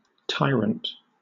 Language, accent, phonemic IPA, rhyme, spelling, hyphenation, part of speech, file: English, Southern England, /ˈtaɪɹənt/, -aɪɹənt, tyrant, ty‧rant, noun / adjective / verb, LL-Q1860 (eng)-tyrant.wav
- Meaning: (noun) 1. A usurper; one who gains power and rules extralegally, distinguished from kings elevated by election or succession 2. Any monarch or governor